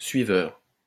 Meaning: 1. follower 2. tracker 3. slave
- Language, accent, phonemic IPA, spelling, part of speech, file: French, France, /sɥi.vœʁ/, suiveur, noun, LL-Q150 (fra)-suiveur.wav